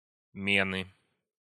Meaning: inflection of ме́на (ména): 1. genitive singular 2. nominative/accusative plural
- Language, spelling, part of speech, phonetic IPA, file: Russian, мены, noun, [ˈmʲenɨ], Ru-мены.ogg